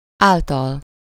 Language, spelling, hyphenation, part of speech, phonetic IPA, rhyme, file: Hungarian, által, ál‧tal, postposition, [ˈaːltɒl], -ɒl, Hu-által.ogg
- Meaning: 1. through, over 2. by (by the actions of …), by means of, by dint of, owing to